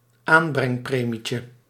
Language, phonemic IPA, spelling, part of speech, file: Dutch, /ˈambrɛŋˌpremicə/, aanbrengpremietje, noun, Nl-aanbrengpremietje.ogg
- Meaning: diminutive of aanbrengpremie